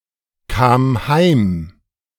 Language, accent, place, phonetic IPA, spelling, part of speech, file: German, Germany, Berlin, [ˌkaːm ˈhaɪ̯m], kam heim, verb, De-kam heim.ogg
- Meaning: first/third-person singular preterite of heimkommen